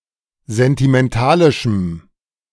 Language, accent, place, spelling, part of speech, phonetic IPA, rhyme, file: German, Germany, Berlin, sentimentalischem, adjective, [zɛntimɛnˈtaːlɪʃm̩], -aːlɪʃm̩, De-sentimentalischem.ogg
- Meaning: strong dative masculine/neuter singular of sentimentalisch